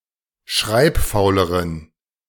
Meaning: inflection of schreibfaul: 1. strong genitive masculine/neuter singular comparative degree 2. weak/mixed genitive/dative all-gender singular comparative degree
- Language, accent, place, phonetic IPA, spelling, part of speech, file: German, Germany, Berlin, [ˈʃʁaɪ̯pˌfaʊ̯ləʁən], schreibfauleren, adjective, De-schreibfauleren.ogg